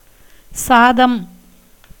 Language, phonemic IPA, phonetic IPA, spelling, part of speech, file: Tamil, /tʃɑːd̪ɐm/, [säːd̪ɐm], சாதம், noun, Ta-சாதம்.ogg
- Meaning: 1. birth, nativity 2. truth 3. boiled rice